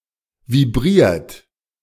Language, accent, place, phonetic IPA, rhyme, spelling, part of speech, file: German, Germany, Berlin, [viˈbʁiːɐ̯t], -iːɐ̯t, vibriert, verb, De-vibriert.ogg
- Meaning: 1. past participle of vibrieren 2. inflection of vibrieren: second-person plural present 3. inflection of vibrieren: third-person singular present 4. inflection of vibrieren: plural imperative